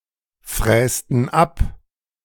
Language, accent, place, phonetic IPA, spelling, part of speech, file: German, Germany, Berlin, [ˌfʁɛːstn̩ ˈap], frästen ab, verb, De-frästen ab.ogg
- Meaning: inflection of abfräsen: 1. first/third-person plural preterite 2. first/third-person plural subjunctive II